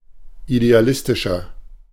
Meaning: 1. comparative degree of idealistisch 2. inflection of idealistisch: strong/mixed nominative masculine singular 3. inflection of idealistisch: strong genitive/dative feminine singular
- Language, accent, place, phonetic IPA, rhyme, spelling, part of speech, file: German, Germany, Berlin, [ideaˈlɪstɪʃɐ], -ɪstɪʃɐ, idealistischer, adjective, De-idealistischer.ogg